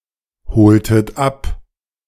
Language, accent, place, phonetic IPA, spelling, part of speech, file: German, Germany, Berlin, [ˌhoːltət ˈap], holtet ab, verb, De-holtet ab.ogg
- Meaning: inflection of abholen: 1. second-person plural preterite 2. second-person plural subjunctive II